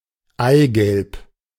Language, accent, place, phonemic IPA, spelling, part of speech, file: German, Germany, Berlin, /ˈaɪ̯ɡɛlp/, Eigelb, noun, De-Eigelb.ogg
- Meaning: yolk (usually only in a culinary context)